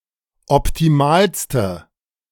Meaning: inflection of optimal: 1. strong/mixed nominative/accusative feminine singular superlative degree 2. strong nominative/accusative plural superlative degree
- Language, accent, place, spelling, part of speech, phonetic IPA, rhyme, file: German, Germany, Berlin, optimalste, adjective, [ɔptiˈmaːlstə], -aːlstə, De-optimalste.ogg